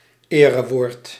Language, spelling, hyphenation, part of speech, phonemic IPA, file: Dutch, erewoord, ere‧woord, noun, /ˈeː.rəˌʋoːrt/, Nl-erewoord.ogg
- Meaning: word of honor